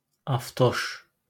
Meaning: hoonigan
- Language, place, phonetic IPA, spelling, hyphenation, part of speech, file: Azerbaijani, Baku, [ɑfˈtoʃ], avtoş, av‧toş, noun, LL-Q9292 (aze)-avtoş.wav